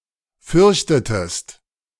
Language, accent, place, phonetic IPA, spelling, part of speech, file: German, Germany, Berlin, [ˈfʏʁçtətəst], fürchtetest, verb, De-fürchtetest.ogg
- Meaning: inflection of fürchten: 1. second-person singular preterite 2. second-person singular subjunctive II